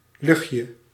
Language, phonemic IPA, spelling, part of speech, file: Dutch, /ˈlʏxjə/, luchtje, noun, Nl-luchtje.ogg
- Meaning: diminutive of lucht: smell, odour